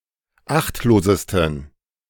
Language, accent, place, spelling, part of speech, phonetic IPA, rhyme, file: German, Germany, Berlin, achtlosesten, adjective, [ˈaxtloːzəstn̩], -axtloːzəstn̩, De-achtlosesten.ogg
- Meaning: 1. superlative degree of achtlos 2. inflection of achtlos: strong genitive masculine/neuter singular superlative degree